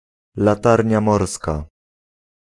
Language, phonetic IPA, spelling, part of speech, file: Polish, [laˈtarʲɲa ˈmɔrska], latarnia morska, noun, Pl-latarnia morska.ogg